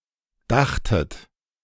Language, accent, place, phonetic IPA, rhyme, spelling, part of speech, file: German, Germany, Berlin, [ˈdaxtət], -axtət, dachtet, verb, De-dachtet.ogg
- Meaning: second-person plural preterite of denken